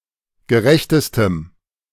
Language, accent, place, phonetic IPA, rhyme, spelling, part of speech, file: German, Germany, Berlin, [ɡəˈʁɛçtəstəm], -ɛçtəstəm, gerechtestem, adjective, De-gerechtestem.ogg
- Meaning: strong dative masculine/neuter singular superlative degree of gerecht